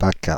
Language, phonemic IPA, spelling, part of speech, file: French, /pa.ka/, PACA, proper noun, Fr-PACA.ogg
- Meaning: initialism of Provence-Alpes-Côte d'Azur